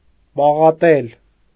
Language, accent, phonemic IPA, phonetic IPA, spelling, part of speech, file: Armenian, Eastern Armenian, /pɑʁɑˈtel/, [pɑʁɑtél], պաղատել, verb, Hy-պաղատել.ogg
- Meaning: to beg, beseech, implore